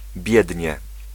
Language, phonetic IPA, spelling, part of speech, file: Polish, [ˈbʲjɛdʲɲɛ], biednie, adverb, Pl-biednie.ogg